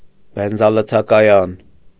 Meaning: gas station, petrol station
- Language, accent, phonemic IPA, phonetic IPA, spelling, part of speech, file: Armenian, Eastern Armenian, /benzɑlət͡sʰɑkɑˈjɑn/, [benzɑlət͡sʰɑkɑjɑ́n], բենզալցակայան, noun, Hy-բենզալցակայան.ogg